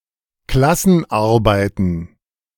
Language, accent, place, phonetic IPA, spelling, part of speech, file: German, Germany, Berlin, [ˈklasn̩ˌʔaʁbaɪ̯tn̩], Klassenarbeiten, noun, De-Klassenarbeiten.ogg
- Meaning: plural of Klassenarbeit